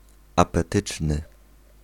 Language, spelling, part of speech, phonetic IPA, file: Polish, apetyczny, adjective, [ˌapɛˈtɨt͡ʃnɨ], Pl-apetyczny.ogg